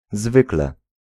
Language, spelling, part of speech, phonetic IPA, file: Polish, zwykle, adverb, [ˈzvɨklɛ], Pl-zwykle.ogg